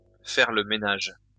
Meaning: 1. to do the housework, the household chores 2. to clean up; to clear out
- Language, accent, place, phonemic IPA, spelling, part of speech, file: French, France, Lyon, /fɛʁ lə me.naʒ/, faire le ménage, verb, LL-Q150 (fra)-faire le ménage.wav